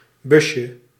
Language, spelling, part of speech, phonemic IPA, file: Dutch, busje, noun, /ˈbʏʃə/, Nl-busje.ogg
- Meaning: diminutive of bus